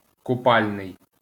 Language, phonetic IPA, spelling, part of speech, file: Ukrainian, [kʊˈpalʲnei̯], купальний, adjective, LL-Q8798 (ukr)-купальний.wav
- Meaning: bathing (attributive)